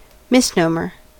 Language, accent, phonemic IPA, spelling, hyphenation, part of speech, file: English, General American, /ˌmɪsˈnoʊməɹ/, misnomer, mis‧nom‧er, noun / verb, En-us-misnomer.ogg
- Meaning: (noun) 1. A mistake in the naming of a person or place; a misidentification 2. An incorrect use of a term, especially one which is misleading; a misname